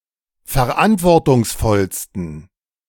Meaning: 1. superlative degree of verantwortungsvoll 2. inflection of verantwortungsvoll: strong genitive masculine/neuter singular superlative degree
- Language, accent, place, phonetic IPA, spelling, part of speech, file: German, Germany, Berlin, [fɛɐ̯ˈʔantvɔʁtʊŋsˌfɔlstn̩], verantwortungsvollsten, adjective, De-verantwortungsvollsten.ogg